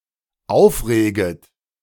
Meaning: second-person plural dependent subjunctive I of aufregen
- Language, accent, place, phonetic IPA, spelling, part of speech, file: German, Germany, Berlin, [ˈaʊ̯fˌʁeːɡət], aufreget, verb, De-aufreget.ogg